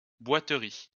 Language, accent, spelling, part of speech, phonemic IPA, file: French, France, boiterie, noun, /bwa.tʁi/, LL-Q150 (fra)-boiterie.wav
- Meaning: 1. limp 2. lameness